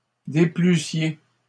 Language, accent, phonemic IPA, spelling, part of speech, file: French, Canada, /de.ply.sje/, déplussiez, verb, LL-Q150 (fra)-déplussiez.wav
- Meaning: second-person plural imperfect subjunctive of déplaire